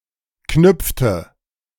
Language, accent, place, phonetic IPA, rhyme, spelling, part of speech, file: German, Germany, Berlin, [ˈknʏp͡ftə], -ʏp͡ftə, knüpfte, verb, De-knüpfte.ogg
- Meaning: inflection of knüpfen: 1. first/third-person singular preterite 2. first/third-person singular subjunctive II